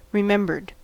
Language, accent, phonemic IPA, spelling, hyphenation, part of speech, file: English, US, /ɹɪˈmɛmbɚd/, remembered, re‧mem‧bered, verb, En-us-remembered.ogg
- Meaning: simple past and past participle of remember